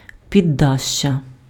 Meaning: 1. canopy 2. porch, portico 3. cornice 4. attic, loft
- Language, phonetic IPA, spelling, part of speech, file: Ukrainian, [pʲiˈdːaʃʲːɐ], піддашшя, noun, Uk-піддашшя.ogg